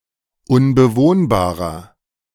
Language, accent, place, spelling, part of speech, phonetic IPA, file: German, Germany, Berlin, unbewohnbarer, adjective, [ʊnbəˈvoːnbaːʁɐ], De-unbewohnbarer.ogg
- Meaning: 1. comparative degree of unbewohnbar 2. inflection of unbewohnbar: strong/mixed nominative masculine singular 3. inflection of unbewohnbar: strong genitive/dative feminine singular